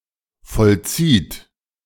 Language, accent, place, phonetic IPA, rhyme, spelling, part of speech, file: German, Germany, Berlin, [fɔlˈt͡siːt], -iːt, vollzieht, verb, De-vollzieht.ogg
- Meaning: inflection of vollziehen: 1. third-person singular present 2. second-person plural present 3. plural imperative